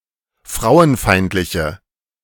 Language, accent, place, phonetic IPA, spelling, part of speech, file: German, Germany, Berlin, [ˈfʁaʊ̯ənˌfaɪ̯ntlɪçə], frauenfeindliche, adjective, De-frauenfeindliche.ogg
- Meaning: inflection of frauenfeindlich: 1. strong/mixed nominative/accusative feminine singular 2. strong nominative/accusative plural 3. weak nominative all-gender singular